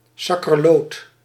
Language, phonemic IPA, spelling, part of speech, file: Dutch, /ˌsɑkərˈlot/, sakkerloot, interjection, Nl-sakkerloot.ogg
- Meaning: well I never!